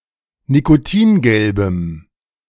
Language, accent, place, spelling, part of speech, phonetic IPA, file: German, Germany, Berlin, nikotingelbem, adjective, [nikoˈtiːnˌɡɛlbəm], De-nikotingelbem.ogg
- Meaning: strong dative masculine/neuter singular of nikotingelb